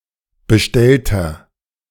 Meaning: inflection of bestellt: 1. strong/mixed nominative masculine singular 2. strong genitive/dative feminine singular 3. strong genitive plural
- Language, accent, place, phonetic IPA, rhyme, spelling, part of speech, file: German, Germany, Berlin, [bəˈʃtɛltɐ], -ɛltɐ, bestellter, adjective, De-bestellter.ogg